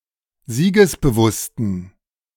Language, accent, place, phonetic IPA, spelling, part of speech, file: German, Germany, Berlin, [ˈziːɡəsbəˌvʊstn̩], siegesbewussten, adjective, De-siegesbewussten.ogg
- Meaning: inflection of siegesbewusst: 1. strong genitive masculine/neuter singular 2. weak/mixed genitive/dative all-gender singular 3. strong/weak/mixed accusative masculine singular 4. strong dative plural